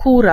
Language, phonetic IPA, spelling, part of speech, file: Polish, [ˈkura], kura, noun, Pl-kura.ogg